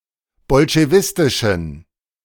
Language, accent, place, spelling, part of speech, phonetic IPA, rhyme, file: German, Germany, Berlin, bolschewistischen, adjective, [bɔlʃeˈvɪstɪʃn̩], -ɪstɪʃn̩, De-bolschewistischen.ogg
- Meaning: inflection of bolschewistisch: 1. strong genitive masculine/neuter singular 2. weak/mixed genitive/dative all-gender singular 3. strong/weak/mixed accusative masculine singular 4. strong dative plural